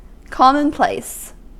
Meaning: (adjective) Ordinary; not having any remarkable characteristics; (noun) 1. A platitude or cliché 2. Something that is ordinary; something commonly done or occurring
- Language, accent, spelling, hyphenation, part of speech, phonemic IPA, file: English, US, commonplace, com‧mon‧place, adjective / noun / verb, /ˈkɑmənˌpleɪs/, En-us-commonplace.ogg